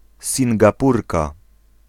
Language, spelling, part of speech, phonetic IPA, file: Polish, Singapurka, noun, [ˌsʲĩŋɡaˈpurka], Pl-Singapurka.ogg